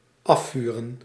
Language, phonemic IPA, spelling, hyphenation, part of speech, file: Dutch, /ˈɑfyːrə(n)/, afvuren, af‧vu‧ren, verb, Nl-afvuren.ogg
- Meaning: to fire, to fire off (a weapon, projectile)